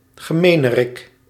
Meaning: meanie
- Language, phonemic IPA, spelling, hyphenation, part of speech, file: Dutch, /ɣəˈmeː.nəˌrɪk/, gemenerik, ge‧me‧ne‧rik, noun, Nl-gemenerik.ogg